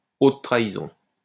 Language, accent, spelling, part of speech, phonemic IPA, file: French, France, haute trahison, noun, /ot tʁa.i.zɔ̃/, LL-Q150 (fra)-haute trahison.wav
- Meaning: high treason (criminal disloyalty to one's country)